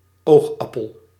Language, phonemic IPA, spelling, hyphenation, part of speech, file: Dutch, /ˈoːxˌɑ.pəl/, oogappel, oog‧ap‧pel, noun, Nl-oogappel.ogg
- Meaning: 1. apple of someone's eye (someone or something dear) 2. the circular central area of the human eye formed by the iris together with the pupil 3. the pupil of the human eye 4. eyeball